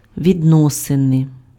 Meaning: relations, business, terms, connections
- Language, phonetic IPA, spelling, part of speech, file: Ukrainian, [ʋʲidˈnɔsene], відносини, noun, Uk-відносини.ogg